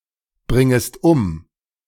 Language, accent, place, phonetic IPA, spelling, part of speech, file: German, Germany, Berlin, [ˌbʁɪŋəst ˈʊm], bringest um, verb, De-bringest um.ogg
- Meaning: second-person singular subjunctive I of umbringen